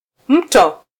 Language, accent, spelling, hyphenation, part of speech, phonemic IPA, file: Swahili, Kenya, mto, m‧to, noun, /ˈm̩.tɔ/, Sw-ke-mto.flac
- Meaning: 1. river (large stream which drains a landmass) 2. pillow